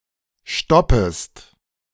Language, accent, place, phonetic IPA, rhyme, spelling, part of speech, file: German, Germany, Berlin, [ˈʃtɔpəst], -ɔpəst, stoppest, verb, De-stoppest.ogg
- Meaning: second-person singular subjunctive I of stoppen